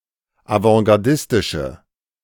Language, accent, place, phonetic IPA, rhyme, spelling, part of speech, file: German, Germany, Berlin, [avɑ̃ɡaʁˈdɪstɪʃə], -ɪstɪʃə, avantgardistische, adjective, De-avantgardistische.ogg
- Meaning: inflection of avantgardistisch: 1. strong/mixed nominative/accusative feminine singular 2. strong nominative/accusative plural 3. weak nominative all-gender singular